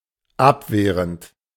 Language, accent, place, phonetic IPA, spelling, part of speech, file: German, Germany, Berlin, [ˈapˌveːʁənt], abwehrend, verb, De-abwehrend.ogg
- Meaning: present participle of abwehren